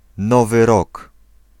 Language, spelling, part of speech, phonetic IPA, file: Polish, Nowy Rok, noun, [ˈnɔvɨ ˈrɔk], Pl-Nowy Rok.ogg